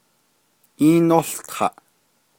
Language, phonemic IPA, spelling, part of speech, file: Navajo, /ʔíːnóɬtʰɑ̀ʔ/, íínółtaʼ, verb, Nv-íínółtaʼ.ogg
- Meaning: second-person duoplural imperfective of ółtaʼ